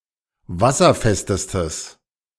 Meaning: strong/mixed nominative/accusative neuter singular superlative degree of wasserfest
- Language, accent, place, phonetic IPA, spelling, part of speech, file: German, Germany, Berlin, [ˈvasɐˌfɛstəstəs], wasserfestestes, adjective, De-wasserfestestes.ogg